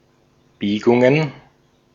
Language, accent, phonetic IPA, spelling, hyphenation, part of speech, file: German, Austria, [ˈbiːɡʊŋən], Biegungen, Bie‧gun‧gen, noun, De-at-Biegungen.ogg
- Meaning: plural of Biegung